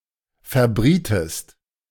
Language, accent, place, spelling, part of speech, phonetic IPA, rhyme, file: German, Germany, Berlin, verbrietest, verb, [fɛɐ̯ˈbʁiːtəst], -iːtəst, De-verbrietest.ogg
- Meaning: inflection of verbraten: 1. second-person singular preterite 2. second-person singular subjunctive II